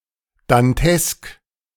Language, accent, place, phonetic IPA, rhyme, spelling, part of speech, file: German, Germany, Berlin, [danˈtɛsk], -ɛsk, dantesk, adjective, De-dantesk.ogg
- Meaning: Dantesque